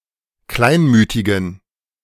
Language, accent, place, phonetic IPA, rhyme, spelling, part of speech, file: German, Germany, Berlin, [ˈklaɪ̯nˌmyːtɪɡn̩], -aɪ̯nmyːtɪɡn̩, kleinmütigen, adjective, De-kleinmütigen.ogg
- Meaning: inflection of kleinmütig: 1. strong genitive masculine/neuter singular 2. weak/mixed genitive/dative all-gender singular 3. strong/weak/mixed accusative masculine singular 4. strong dative plural